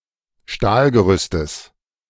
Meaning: genitive singular of Stahlgerüst
- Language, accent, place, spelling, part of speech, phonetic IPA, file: German, Germany, Berlin, Stahlgerüstes, noun, [ˈʃtaːlɡəˌʁʏstəs], De-Stahlgerüstes.ogg